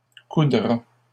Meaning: third-person singular simple future of coudre
- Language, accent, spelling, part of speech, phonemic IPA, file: French, Canada, coudra, verb, /ku.dʁa/, LL-Q150 (fra)-coudra.wav